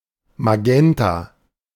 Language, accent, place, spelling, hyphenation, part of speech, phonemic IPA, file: German, Germany, Berlin, Magenta, Ma‧gen‧ta, noun, /maˈɡɛnta/, De-Magenta.ogg
- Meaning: magenta (color)